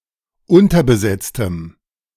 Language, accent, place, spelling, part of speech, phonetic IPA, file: German, Germany, Berlin, unterbesetztem, adjective, [ˈʊntɐbəˌzɛt͡stəm], De-unterbesetztem.ogg
- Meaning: strong dative masculine/neuter singular of unterbesetzt